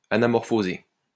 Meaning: anamorphic
- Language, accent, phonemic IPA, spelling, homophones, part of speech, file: French, France, /a.na.mɔʁ.fo.ze/, anamorphosé, anamorphosée / anamorphosées / anamorphosés, adjective, LL-Q150 (fra)-anamorphosé.wav